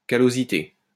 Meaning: callosity
- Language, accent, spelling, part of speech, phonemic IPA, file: French, France, callosité, noun, /ka.lo.zi.te/, LL-Q150 (fra)-callosité.wav